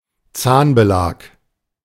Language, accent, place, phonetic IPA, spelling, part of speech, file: German, Germany, Berlin, [ˈt͡saːnbəˌlaːk], Zahnbelag, noun, De-Zahnbelag.ogg
- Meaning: dental plaque